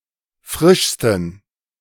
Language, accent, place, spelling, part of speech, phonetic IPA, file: German, Germany, Berlin, frischsten, adjective, [ˈfʁɪʃstn̩], De-frischsten.ogg
- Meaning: 1. superlative degree of frisch 2. inflection of frisch: strong genitive masculine/neuter singular superlative degree